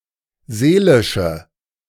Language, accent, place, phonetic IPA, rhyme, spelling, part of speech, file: German, Germany, Berlin, [ˈzeːlɪʃə], -eːlɪʃə, seelische, adjective, De-seelische.ogg
- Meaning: inflection of seelisch: 1. strong/mixed nominative/accusative feminine singular 2. strong nominative/accusative plural 3. weak nominative all-gender singular